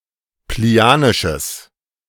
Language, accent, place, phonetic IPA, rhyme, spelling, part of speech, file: German, Germany, Berlin, [pliˈni̯aːnɪʃəs], -aːnɪʃəs, plinianisches, adjective, De-plinianisches.ogg
- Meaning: strong/mixed nominative/accusative neuter singular of plinianisch